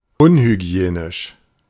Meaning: unhygienic, insanitary
- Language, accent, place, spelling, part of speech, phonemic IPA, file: German, Germany, Berlin, unhygienisch, adjective, /ˈʊnhyˌɡi̯eːnɪʃ/, De-unhygienisch.ogg